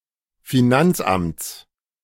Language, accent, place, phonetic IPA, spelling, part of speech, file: German, Germany, Berlin, [fiˈnant͡sˌʔamt͡s], Finanzamts, noun, De-Finanzamts.ogg
- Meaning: genitive singular of Finanzamt